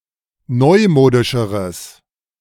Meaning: strong/mixed nominative/accusative neuter singular comparative degree of neumodisch
- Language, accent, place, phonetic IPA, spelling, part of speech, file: German, Germany, Berlin, [ˈnɔɪ̯ˌmoːdɪʃəʁəs], neumodischeres, adjective, De-neumodischeres.ogg